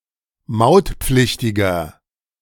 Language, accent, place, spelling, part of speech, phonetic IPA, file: German, Germany, Berlin, mautpflichtiger, adjective, [ˈmaʊ̯tˌp͡flɪçtɪɡɐ], De-mautpflichtiger.ogg
- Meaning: inflection of mautpflichtig: 1. strong/mixed nominative masculine singular 2. strong genitive/dative feminine singular 3. strong genitive plural